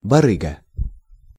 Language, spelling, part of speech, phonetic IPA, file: Russian, барыга, noun, [bɐˈrɨɡə], Ru-барыга.ogg
- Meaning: 1. huckster, profiteer, fraud, scalper 2. fence (dealer in stolen goods)